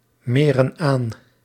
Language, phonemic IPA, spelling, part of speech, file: Dutch, /ˈmerə(n) ˈan/, meren aan, verb, Nl-meren aan.ogg
- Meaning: inflection of aanmeren: 1. plural present indicative 2. plural present subjunctive